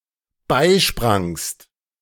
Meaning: second-person singular dependent preterite of beispringen
- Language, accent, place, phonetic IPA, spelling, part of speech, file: German, Germany, Berlin, [ˈbaɪ̯ˌʃpʁaŋst], beisprangst, verb, De-beisprangst.ogg